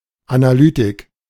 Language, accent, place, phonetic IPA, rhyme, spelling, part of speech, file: German, Germany, Berlin, [anaˈlyːtɪk], -yːtɪk, Analytik, noun, De-Analytik.ogg
- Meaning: analytics